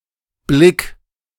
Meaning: singular imperative of blicken
- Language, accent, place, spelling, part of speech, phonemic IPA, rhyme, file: German, Germany, Berlin, blick, verb, /blɪk/, -ɪk, De-blick.ogg